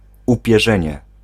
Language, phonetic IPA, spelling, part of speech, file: Polish, [ˌupʲjɛˈʒɛ̃ɲɛ], upierzenie, noun, Pl-upierzenie.ogg